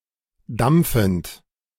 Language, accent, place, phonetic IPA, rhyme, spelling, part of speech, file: German, Germany, Berlin, [ˈdamp͡fn̩t], -amp͡fn̩t, dampfend, verb, De-dampfend.ogg
- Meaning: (verb) present participle of dampfen; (adjective) steaming